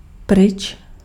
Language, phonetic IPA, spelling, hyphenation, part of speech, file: Czech, [ˈprɪt͡ʃ], pryč, pryč, adverb, Cs-pryč.ogg
- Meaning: away